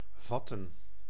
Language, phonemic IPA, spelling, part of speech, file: Dutch, /ˈvɑtə(n)/, vatten, verb, Nl-vatten.ogg
- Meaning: 1. to grasp 2. to grasp mentally, to understand 3. to catch, to apprehend 4. to catch, to be afflicted with (an infectuous disease)